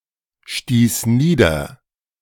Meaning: first/third-person singular preterite of niederstoßen
- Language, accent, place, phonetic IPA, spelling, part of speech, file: German, Germany, Berlin, [ˌʃtiːs ˈniːdɐ], stieß nieder, verb, De-stieß nieder.ogg